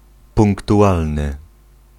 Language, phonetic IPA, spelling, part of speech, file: Polish, [ˌpũŋktuˈʷalnɨ], punktualny, adjective, Pl-punktualny.ogg